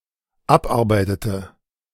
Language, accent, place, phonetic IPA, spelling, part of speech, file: German, Germany, Berlin, [ˈapˌʔaʁbaɪ̯tətə], abarbeitete, verb, De-abarbeitete.ogg
- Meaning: inflection of abarbeiten: 1. first/third-person singular dependent preterite 2. first/third-person singular dependent subjunctive II